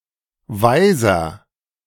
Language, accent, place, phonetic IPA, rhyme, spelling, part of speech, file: German, Germany, Berlin, [ˈvaɪ̯zɐ], -aɪ̯zɐ, weiser, adjective, De-weiser.ogg
- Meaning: inflection of weise: 1. strong/mixed nominative masculine singular 2. strong genitive/dative feminine singular 3. strong genitive plural